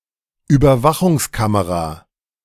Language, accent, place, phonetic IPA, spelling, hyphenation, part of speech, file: German, Germany, Berlin, [yːbɐˈvaxʊŋsˌkaməʁa], Überwachungskamera, Über‧wa‧chungs‧ka‧me‧ra, noun, De-Überwachungskamera.ogg
- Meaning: surveillance camera